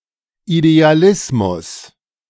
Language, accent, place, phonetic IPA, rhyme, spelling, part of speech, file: German, Germany, Berlin, [ideaˈlɪsmʊs], -ɪsmʊs, Idealismus, noun, De-Idealismus.ogg
- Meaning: idealism